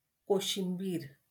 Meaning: kachumber
- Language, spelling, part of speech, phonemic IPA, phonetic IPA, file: Marathi, कोशिंबीर, noun, /ko.ɕim.biɾ/, [ko.ɕim.biːɾ], LL-Q1571 (mar)-कोशिंबीर.wav